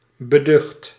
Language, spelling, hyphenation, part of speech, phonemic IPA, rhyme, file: Dutch, beducht, be‧ducht, adjective, /bəˈdʏxt/, -ʏxt, Nl-beducht.ogg
- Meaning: afraid, fearful